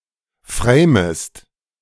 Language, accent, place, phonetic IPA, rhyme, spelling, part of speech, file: German, Germany, Berlin, [ˈfʁeːməst], -eːməst, framest, verb, De-framest.ogg
- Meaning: second-person singular subjunctive I of framen